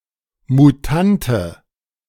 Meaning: alternative form of Mutant (“that has undergone genetic mutation”)
- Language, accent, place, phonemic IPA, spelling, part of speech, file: German, Germany, Berlin, /muˈtantə/, Mutante, noun, De-Mutante.ogg